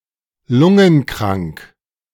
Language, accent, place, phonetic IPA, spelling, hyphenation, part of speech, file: German, Germany, Berlin, [ˈlʊŋənkraŋk], lungenkrank, lun‧gen‧krank, adjective, De-lungenkrank.ogg
- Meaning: suffering from a lung disease